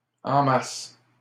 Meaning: 1. en masse 2. in large amounts, massively 3. in sufficient amounts
- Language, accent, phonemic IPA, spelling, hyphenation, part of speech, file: French, Canada, /ɑ̃ mas/, en masse, en mas‧se, adverb, LL-Q150 (fra)-en masse.wav